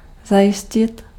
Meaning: to ensure, to secure
- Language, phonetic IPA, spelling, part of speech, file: Czech, [ˈzajɪscɪt], zajistit, verb, Cs-zajistit.ogg